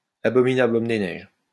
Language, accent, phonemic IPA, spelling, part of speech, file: French, France, /a.bɔ.mi.na.bl‿ɔm de nɛʒ/, abominable homme des neiges, noun, LL-Q150 (fra)-abominable homme des neiges.wav
- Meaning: abominable snowman (manlike or apelike animal said to exist in the Himalayas)